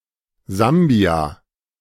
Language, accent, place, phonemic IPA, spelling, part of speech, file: German, Germany, Berlin, /ˈzambi̯aː/, Sambia, proper noun, De-Sambia.ogg
- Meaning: Zambia (a country in Southern Africa)